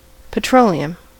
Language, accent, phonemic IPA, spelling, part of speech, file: English, US, /pəˈtɹoʊliəm/, petroleum, noun, En-us-petroleum.ogg
- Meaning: A flammable liquid ranging in color from clear to very dark brown and black, consisting mainly of hydrocarbons, occurring naturally in deposits under the Earth's surface